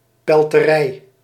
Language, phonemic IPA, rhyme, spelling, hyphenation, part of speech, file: Dutch, /ˌpɛl.təˈrɛi̯/, -ɛi̯, pelterij, pel‧te‧rij, noun, Nl-pelterij.ogg
- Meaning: processed fur and pelts